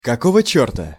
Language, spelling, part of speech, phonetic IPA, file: Russian, какого чёрта, phrase, [kɐˌkovə ˈt͡ɕɵrtə], Ru-какого чёрта.ogg
- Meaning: 1. why the hell 2. what the hell